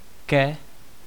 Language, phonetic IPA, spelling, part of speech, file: Czech, [ˈkɛ], ke, preposition, Cs-ke.ogg
- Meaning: 1. to 2. toward, towards